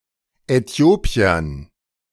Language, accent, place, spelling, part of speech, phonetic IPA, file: German, Germany, Berlin, Äthiopiern, noun, [ɛˈti̯oːpi̯ɐn], De-Äthiopiern.ogg
- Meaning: dative plural of Äthiopier